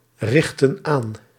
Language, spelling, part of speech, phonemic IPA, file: Dutch, richtten aan, verb, /ˈrɪxtə(n) ˈan/, Nl-richtten aan.ogg
- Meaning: inflection of aanrichten: 1. plural past indicative 2. plural past subjunctive